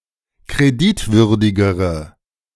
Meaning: inflection of kreditwürdig: 1. strong/mixed nominative/accusative feminine singular comparative degree 2. strong nominative/accusative plural comparative degree
- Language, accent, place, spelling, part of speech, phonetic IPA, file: German, Germany, Berlin, kreditwürdigere, adjective, [kʁeˈdɪtˌvʏʁdɪɡəʁə], De-kreditwürdigere.ogg